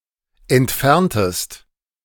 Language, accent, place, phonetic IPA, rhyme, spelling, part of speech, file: German, Germany, Berlin, [ɛntˈfɛʁntəst], -ɛʁntəst, entferntest, verb, De-entferntest.ogg
- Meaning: inflection of entfernen: 1. second-person singular preterite 2. second-person singular subjunctive II